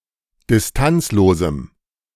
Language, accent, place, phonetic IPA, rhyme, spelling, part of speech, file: German, Germany, Berlin, [dɪsˈtant͡sloːzm̩], -ant͡sloːzm̩, distanzlosem, adjective, De-distanzlosem.ogg
- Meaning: strong dative masculine/neuter singular of distanzlos